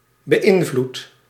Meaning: inflection of beïnvloeden: 1. second/third-person singular present indicative 2. plural imperative
- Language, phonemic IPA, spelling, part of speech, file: Dutch, /bəˈʔɪɱvlut/, beïnvloedt, verb, Nl-beïnvloedt.ogg